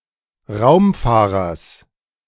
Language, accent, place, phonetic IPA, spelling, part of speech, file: German, Germany, Berlin, [ˈʁaʊ̯mˌfaːʁɐs], Raumfahrers, noun, De-Raumfahrers.ogg
- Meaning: genitive singular of Raumfahrer